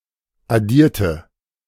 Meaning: inflection of addieren: 1. first/third-person singular preterite 2. first/third-person singular subjunctive II
- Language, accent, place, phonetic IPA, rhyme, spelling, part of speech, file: German, Germany, Berlin, [aˈdiːɐ̯tə], -iːɐ̯tə, addierte, adjective / verb, De-addierte.ogg